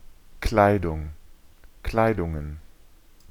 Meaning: plural of Kleidung
- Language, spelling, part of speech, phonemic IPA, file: German, Kleidungen, noun, /ˈklaɪ̯dʊŋən/, De-Kleidungen.ogg